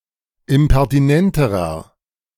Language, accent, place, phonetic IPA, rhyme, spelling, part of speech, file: German, Germany, Berlin, [ɪmpɛʁtiˈnɛntəʁɐ], -ɛntəʁɐ, impertinenterer, adjective, De-impertinenterer.ogg
- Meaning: inflection of impertinent: 1. strong/mixed nominative masculine singular comparative degree 2. strong genitive/dative feminine singular comparative degree 3. strong genitive plural comparative degree